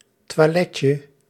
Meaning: diminutive of toilet
- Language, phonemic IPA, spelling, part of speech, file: Dutch, /twaˈlɛcə/, toiletje, noun, Nl-toiletje.ogg